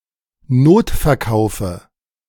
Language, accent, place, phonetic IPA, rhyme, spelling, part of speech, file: German, Germany, Berlin, [ˈnoːtfɛɐ̯ˌkaʊ̯fə], -oːtfɛɐ̯kaʊ̯fə, Notverkaufe, noun, De-Notverkaufe.ogg
- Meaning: dative of Notverkauf